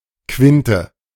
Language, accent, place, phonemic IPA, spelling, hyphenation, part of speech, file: German, Germany, Berlin, /ˈkvɪntə/, Quinte, Quin‧te, noun, De-Quinte.ogg
- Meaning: A fifth; an interval of six (kleine Quinte, diminished fifth) or seven (große Quinte, perfect fifth) semitones